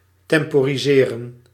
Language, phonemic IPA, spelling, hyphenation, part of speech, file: Dutch, /ˈtɛm.pɔ.ri.zeː.rə(n)/, temporiseren, tem‧po‧ri‧se‧ren, verb, Nl-temporiseren.ogg
- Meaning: to delay (to lower the pace)